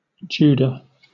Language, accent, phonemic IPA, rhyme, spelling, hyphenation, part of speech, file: English, Southern England, /ˈd͡ʒuː.də/, -uːdə, Judah, Ju‧dah, proper noun, LL-Q1860 (eng)-Judah.wav
- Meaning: The fourth son of Jacob, by his wife Leah; the father of Perez